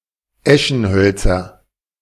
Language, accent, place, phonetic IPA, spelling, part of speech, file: German, Germany, Berlin, [ˈɛʃn̩ˌhœlt͡sɐ], Eschenhölzer, noun, De-Eschenhölzer.ogg
- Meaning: nominative/accusative/genitive plural of Eschenholz